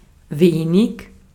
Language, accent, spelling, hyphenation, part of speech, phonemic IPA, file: German, Austria, wenig, we‧nig, adjective, /ˈveːnɪk/, De-at-wenig.ogg
- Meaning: little, few (a small amount, a small number)